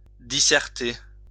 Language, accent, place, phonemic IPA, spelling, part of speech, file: French, France, Lyon, /di.sɛʁ.te/, disserter, verb, LL-Q150 (fra)-disserter.wav
- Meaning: to discourse (on)